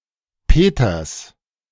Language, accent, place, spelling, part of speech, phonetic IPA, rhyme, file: German, Germany, Berlin, Peters, proper noun / noun, [ˈpeːtɐs], -eːtɐs, De-Peters.ogg
- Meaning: 1. a surname transferred from the given name common in northern Germany 2. genitive singular of Peter 3. plural of Peter